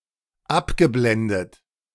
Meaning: past participle of abblenden
- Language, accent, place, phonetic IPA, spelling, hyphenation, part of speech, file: German, Germany, Berlin, [ˈabɡəˌblɛndət], abgeblendet, ab‧ge‧blen‧det, verb, De-abgeblendet.ogg